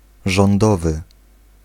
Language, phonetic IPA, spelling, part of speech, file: Polish, [ʒɔ̃nˈdɔvɨ], rządowy, adjective, Pl-rządowy.ogg